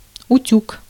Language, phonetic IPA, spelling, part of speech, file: Russian, [ʊˈtʲuk], утюг, noun, Ru-утюг.ogg
- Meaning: iron (for pressing clothes)